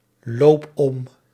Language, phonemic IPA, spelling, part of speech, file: Dutch, /ˈlop ˈɔm/, loop om, verb, Nl-loop om.ogg
- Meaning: inflection of omlopen: 1. first-person singular present indicative 2. second-person singular present indicative 3. imperative